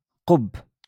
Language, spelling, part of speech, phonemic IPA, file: Moroccan Arabic, قب, noun, /qubː/, LL-Q56426 (ary)-قب.wav
- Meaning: hood (headwear)